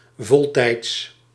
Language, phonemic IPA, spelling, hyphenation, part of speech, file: Dutch, /ˈvɔl.tɛi̯ts/, voltijds, vol‧tijds, adverb / adjective, Nl-voltijds.ogg
- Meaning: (adverb) full-time